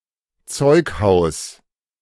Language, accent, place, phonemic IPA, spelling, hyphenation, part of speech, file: German, Germany, Berlin, /ˈt͡sɔɪ̯kˌhaʊ̯s/, Zeughaus, Zeug‧haus, noun, De-Zeughaus.ogg
- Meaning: armoury